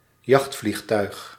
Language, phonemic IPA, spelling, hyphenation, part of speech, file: Dutch, /ˈjɑxt.flixˌtœy̯x/, jachtvliegtuig, jacht‧vlieg‧tuig, noun, Nl-jachtvliegtuig.ogg
- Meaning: fighter plane (fast military combat plane)